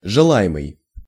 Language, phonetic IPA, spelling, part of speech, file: Russian, [ʐɨˈɫa(j)ɪmɨj], желаемый, verb / adjective, Ru-желаемый.ogg
- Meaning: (verb) present passive imperfective participle of жела́ть (želátʹ); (adjective) desired, wished for